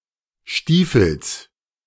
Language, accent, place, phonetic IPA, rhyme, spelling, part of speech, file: German, Germany, Berlin, [ˈʃtiːfl̩s], -iːfl̩s, Stiefels, noun, De-Stiefels.ogg
- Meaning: genitive singular of Stiefel